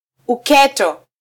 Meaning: 1. the abyss 2. popcorn
- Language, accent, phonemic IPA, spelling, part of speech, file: Swahili, Kenya, /uˈkɛ.tɔ/, uketo, noun, Sw-ke-uketo.flac